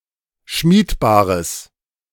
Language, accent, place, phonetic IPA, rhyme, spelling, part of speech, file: German, Germany, Berlin, [ˈʃmiːtˌbaːʁəs], -iːtbaːʁəs, schmiedbares, adjective, De-schmiedbares.ogg
- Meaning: strong/mixed nominative/accusative neuter singular of schmiedbar